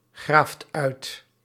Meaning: inflection of uitgraven: 1. second/third-person singular present indicative 2. plural imperative
- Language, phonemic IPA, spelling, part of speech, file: Dutch, /ˈɣraft ˈœyt/, graaft uit, verb, Nl-graaft uit.ogg